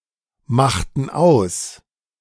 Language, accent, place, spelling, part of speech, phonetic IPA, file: German, Germany, Berlin, machten aus, verb, [ˌmaxtn̩ ˈaʊ̯s], De-machten aus.ogg
- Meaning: inflection of ausmachen: 1. first/third-person plural preterite 2. first/third-person plural subjunctive II